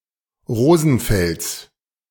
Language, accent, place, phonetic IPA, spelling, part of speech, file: German, Germany, Berlin, [ˈʁoːzn̩ˌfɛlt͡s], Rosenfelds, noun, De-Rosenfelds.ogg
- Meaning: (noun) genitive of Rosenfeld; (proper noun) 1. genitive singular of Rosenfeld 2. plural of Rosenfeld